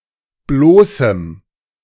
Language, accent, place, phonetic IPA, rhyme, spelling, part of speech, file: German, Germany, Berlin, [ˈbloːsm̩], -oːsm̩, bloßem, adjective, De-bloßem.ogg
- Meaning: strong dative masculine/neuter singular of bloß